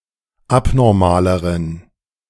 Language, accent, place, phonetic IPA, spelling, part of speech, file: German, Germany, Berlin, [ˈapnɔʁmaːləʁən], abnormaleren, adjective, De-abnormaleren.ogg
- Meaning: inflection of abnormal: 1. strong genitive masculine/neuter singular comparative degree 2. weak/mixed genitive/dative all-gender singular comparative degree